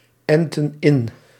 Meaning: inflection of inenten: 1. plural past indicative 2. plural past subjunctive
- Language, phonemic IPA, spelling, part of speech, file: Dutch, /ˈɛntə(n) ˈɪn/, entten in, verb, Nl-entten in.ogg